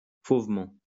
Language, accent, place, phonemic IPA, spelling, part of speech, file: French, France, Lyon, /fov.mɑ̃/, fauvement, adverb, LL-Q150 (fra)-fauvement.wav
- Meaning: savagely, fiercely, dangerously, wildly